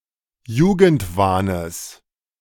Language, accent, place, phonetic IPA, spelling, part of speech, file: German, Germany, Berlin, [ˈjuːɡn̩tˌvaːnəs], Jugendwahnes, noun, De-Jugendwahnes.ogg
- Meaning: genitive of Jugendwahn